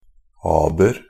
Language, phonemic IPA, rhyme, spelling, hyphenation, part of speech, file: Norwegian Bokmål, /ˈɑːbər/, -ɑːbər, aber, ab‧er, noun, NB - Pronunciation of Norwegian Bokmål «aber».ogg
- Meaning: a problem, an obstacle, a difficulty